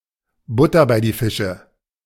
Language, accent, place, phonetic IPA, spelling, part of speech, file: German, Germany, Berlin, [ˈbʊtɐ baɪ̯ diː ˈfɪʃə], Butter bei die Fische, phrase, De-Butter bei die Fische.ogg
- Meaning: talking turkey, cutting to the chase (request for honesty, frankness, and straightforwardness)